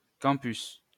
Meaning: campus (grounds of a university)
- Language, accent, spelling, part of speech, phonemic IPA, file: French, France, campus, noun, /kɑ̃.pys/, LL-Q150 (fra)-campus.wav